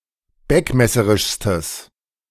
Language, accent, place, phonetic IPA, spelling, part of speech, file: German, Germany, Berlin, [ˈbɛkmɛsəʁɪʃstəs], beckmesserischstes, adjective, De-beckmesserischstes.ogg
- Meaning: strong/mixed nominative/accusative neuter singular superlative degree of beckmesserisch